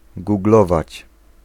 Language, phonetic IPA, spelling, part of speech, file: Polish, [ɡuɡˈlɔvat͡ɕ], googlować, verb, Pl-googlować.ogg